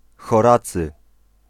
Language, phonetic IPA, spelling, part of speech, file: Polish, [xɔˈrat͡sɨ], Horacy, proper noun, Pl-Horacy.ogg